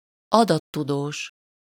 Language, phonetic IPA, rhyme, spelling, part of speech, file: Hungarian, [ˈɒdɒtːudoːʃ], -oːʃ, adattudós, noun, Hu-adattudós.ogg
- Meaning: data scientist (an expert who extracts knowledge or insights from large digital data collections)